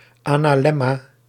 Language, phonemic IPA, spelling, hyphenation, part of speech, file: Dutch, /ˌaː.naːˈlɛ.maː/, analemma, ana‧lem‧ma, noun, Nl-analemma.ogg
- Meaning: 1. analemma 2. a kind of astrolabe